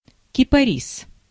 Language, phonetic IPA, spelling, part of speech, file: Russian, [kʲɪpɐˈrʲis], кипарис, noun, Ru-кипарис.ogg
- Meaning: cypress